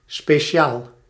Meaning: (adjective) 1. special 2. served with mayonnaise (or a similar sauce), curry ketchup and chopped onions; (adverb) specially, especially, particularly
- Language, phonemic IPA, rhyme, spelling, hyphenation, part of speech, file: Dutch, /speːˈʃaːl/, -aːl, speciaal, spe‧ci‧aal, adjective / adverb, Nl-speciaal.ogg